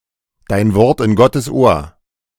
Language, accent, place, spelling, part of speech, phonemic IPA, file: German, Germany, Berlin, dein Wort in Gottes Ohr, phrase, /daɪ̯n ˈvɔrt ɪn ˈɡɔtəs ˈoːr/, De-dein Wort in Gottes Ohr.ogg